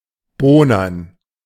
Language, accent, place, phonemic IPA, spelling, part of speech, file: German, Germany, Berlin, /ˈboːnɐn/, bohnern, verb, De-bohnern.ogg
- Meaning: 1. to polish with wax 2. to scrub